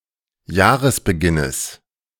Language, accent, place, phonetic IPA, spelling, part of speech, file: German, Germany, Berlin, [ˈjaːʁəsbəˌɡɪnəs], Jahresbeginnes, noun, De-Jahresbeginnes.ogg
- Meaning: genitive of Jahresbeginn